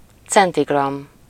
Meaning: centigram
- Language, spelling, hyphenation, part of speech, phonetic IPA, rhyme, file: Hungarian, centigramm, cen‧ti‧gramm, noun, [ˈt͡sɛntiɡrɒmː], -ɒmː, Hu-centigramm.ogg